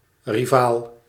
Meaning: rival, opponent
- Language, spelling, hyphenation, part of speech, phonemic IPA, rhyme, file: Dutch, rivaal, ri‧vaal, noun, /riˈvaːl/, -aːl, Nl-rivaal.ogg